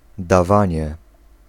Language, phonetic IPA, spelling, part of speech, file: Polish, [daˈvãɲɛ], dawanie, noun, Pl-dawanie.ogg